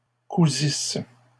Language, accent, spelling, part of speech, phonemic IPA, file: French, Canada, cousisse, verb, /ku.zis/, LL-Q150 (fra)-cousisse.wav
- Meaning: first-person singular imperfect subjunctive of coudre